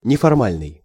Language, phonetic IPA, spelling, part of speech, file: Russian, [nʲɪfɐrˈmalʲnɨj], неформальный, adjective, Ru-неформальный.ogg
- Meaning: informal